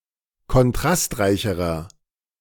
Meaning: inflection of kontrastreich: 1. strong/mixed nominative masculine singular comparative degree 2. strong genitive/dative feminine singular comparative degree
- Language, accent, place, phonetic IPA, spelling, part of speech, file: German, Germany, Berlin, [kɔnˈtʁastˌʁaɪ̯çəʁɐ], kontrastreicherer, adjective, De-kontrastreicherer.ogg